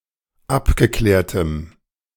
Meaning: strong dative masculine/neuter singular of abgeklärt
- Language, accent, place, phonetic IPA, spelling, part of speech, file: German, Germany, Berlin, [ˈapɡəˌklɛːɐ̯təm], abgeklärtem, adjective, De-abgeklärtem.ogg